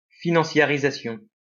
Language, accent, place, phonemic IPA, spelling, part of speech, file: French, France, Lyon, /fi.nɑ̃.sja.ʁi.za.sjɔ̃/, financiarisation, noun, LL-Q150 (fra)-financiarisation.wav
- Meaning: financialisation